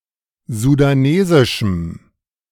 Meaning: strong dative masculine/neuter singular of sudanesisch
- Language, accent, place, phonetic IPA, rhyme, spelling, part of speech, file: German, Germany, Berlin, [zudaˈneːzɪʃm̩], -eːzɪʃm̩, sudanesischem, adjective, De-sudanesischem.ogg